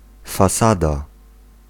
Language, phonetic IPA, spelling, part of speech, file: Polish, [faˈsada], fasada, noun, Pl-fasada.ogg